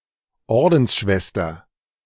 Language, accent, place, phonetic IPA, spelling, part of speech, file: German, Germany, Berlin, [ˈɔʁdn̩sˌʃvɛstɐ], Ordensschwester, noun, De-Ordensschwester.ogg
- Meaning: nun